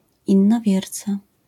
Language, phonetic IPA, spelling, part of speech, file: Polish, [ˌĩnːɔˈvʲjɛrt͡sa], innowierca, noun, LL-Q809 (pol)-innowierca.wav